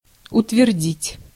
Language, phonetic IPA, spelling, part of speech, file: Russian, [ʊtvʲɪrˈdʲitʲ], утвердить, verb, Ru-утвердить.ogg
- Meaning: 1. to assert, to argue, to allege, to state 2. to claim 3. to approve